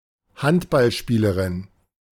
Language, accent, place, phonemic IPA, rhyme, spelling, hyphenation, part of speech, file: German, Germany, Berlin, /ˈhantbalˌʃpiːləʁɪn/, -iːləʁɪn, Handballspielerin, Hand‧ball‧spie‧le‧rin, noun, De-Handballspielerin.ogg
- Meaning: female handballer, female handball player